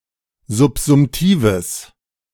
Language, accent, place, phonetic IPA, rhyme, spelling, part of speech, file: German, Germany, Berlin, [zʊpzʊmˈtiːvəs], -iːvəs, subsumtives, adjective, De-subsumtives.ogg
- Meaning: strong/mixed nominative/accusative neuter singular of subsumtiv